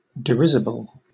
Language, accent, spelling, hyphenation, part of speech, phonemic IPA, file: English, Southern England, derisible, de‧ris‧i‧ble, adjective, /dɪˈɹɪzɪb(ə)l/, LL-Q1860 (eng)-derisible.wav
- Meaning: Deserving derision (“treatment with disdain or contempt”)